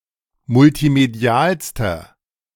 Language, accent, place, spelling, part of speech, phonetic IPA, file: German, Germany, Berlin, multimedialster, adjective, [mʊltiˈmedi̯aːlstɐ], De-multimedialster.ogg
- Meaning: inflection of multimedial: 1. strong/mixed nominative masculine singular superlative degree 2. strong genitive/dative feminine singular superlative degree 3. strong genitive plural superlative degree